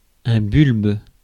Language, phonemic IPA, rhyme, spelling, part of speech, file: French, /bylb/, -ylb, bulbe, noun, Fr-bulbe.ogg
- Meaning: bulb (bulb-shaped root)